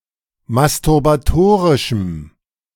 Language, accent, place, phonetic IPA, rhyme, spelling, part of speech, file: German, Germany, Berlin, [mastʊʁbaˈtoːʁɪʃm̩], -oːʁɪʃm̩, masturbatorischem, adjective, De-masturbatorischem.ogg
- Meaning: strong dative masculine/neuter singular of masturbatorisch